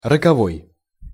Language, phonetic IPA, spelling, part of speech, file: Russian, [rəkɐˈvoj], роковой, adjective, Ru-роковой.ogg
- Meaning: 1. fatal, deadly, ruinous 2. fateful